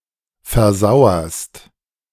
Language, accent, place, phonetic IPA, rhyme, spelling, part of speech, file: German, Germany, Berlin, [fɛɐ̯ˈzaʊ̯ɐst], -aʊ̯ɐst, versauerst, verb, De-versauerst.ogg
- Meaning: second-person singular present of versauern